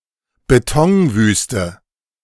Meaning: concrete desert
- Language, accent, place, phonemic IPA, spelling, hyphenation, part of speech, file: German, Germany, Berlin, /beˈtɔŋˌvyːstə/, Betonwüste, Be‧ton‧wüs‧te, noun, De-Betonwüste.ogg